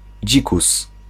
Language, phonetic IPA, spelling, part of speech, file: Polish, [ˈd͡ʑikus], dzikus, noun, Pl-dzikus.ogg